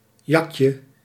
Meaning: diminutive of jak
- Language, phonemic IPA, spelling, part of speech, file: Dutch, /ˈjɑkjə/, jakje, noun, Nl-jakje.ogg